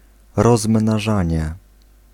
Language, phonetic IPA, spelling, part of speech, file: Polish, [ˌrɔzmnaˈʒãɲɛ], rozmnażanie, noun, Pl-rozmnażanie.ogg